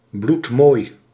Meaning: drop-dead gorgeous (especially said of women)
- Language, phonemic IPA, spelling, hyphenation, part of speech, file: Dutch, /blutˈmoːi̯/, bloedmooi, bloed‧mooi, adjective, Nl-bloedmooi.ogg